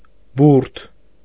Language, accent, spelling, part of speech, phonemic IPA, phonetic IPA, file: Armenian, Eastern Armenian, բուրդ, noun, /buɾtʰ/, [buɾtʰ], Hy-բուրդ.ogg
- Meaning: 1. wool 2. chicken feather